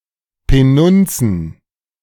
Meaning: plural of Penunze
- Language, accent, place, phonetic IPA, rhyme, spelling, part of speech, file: German, Germany, Berlin, [pəˈnʊnt͡sn̩], -ʊnt͡sn̩, Penunzen, noun, De-Penunzen.ogg